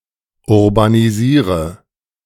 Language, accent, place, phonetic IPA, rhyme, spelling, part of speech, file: German, Germany, Berlin, [ʊʁbaniˈziːʁə], -iːʁə, urbanisiere, verb, De-urbanisiere.ogg
- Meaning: inflection of urbanisieren: 1. first-person singular present 2. first/third-person singular subjunctive I 3. singular imperative